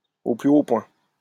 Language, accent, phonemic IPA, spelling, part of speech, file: French, France, /o ply o pwɛ̃/, au plus haut point, adverb, LL-Q150 (fra)-au plus haut point.wav
- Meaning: intensely, very much, really, thoroughly, absolutely, most, to the utmost